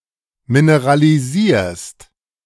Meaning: second-person singular present of mineralisieren
- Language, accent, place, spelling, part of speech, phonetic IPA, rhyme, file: German, Germany, Berlin, mineralisierst, verb, [minəʁaliˈziːɐ̯st], -iːɐ̯st, De-mineralisierst.ogg